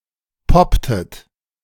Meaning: inflection of poppen: 1. second-person plural preterite 2. second-person plural subjunctive II
- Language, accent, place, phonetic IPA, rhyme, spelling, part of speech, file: German, Germany, Berlin, [ˈpɔptət], -ɔptət, popptet, verb, De-popptet.ogg